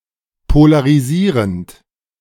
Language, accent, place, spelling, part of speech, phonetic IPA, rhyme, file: German, Germany, Berlin, polarisierend, verb, [polaʁiˈziːʁənt], -iːʁənt, De-polarisierend.ogg
- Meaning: present participle of polarisieren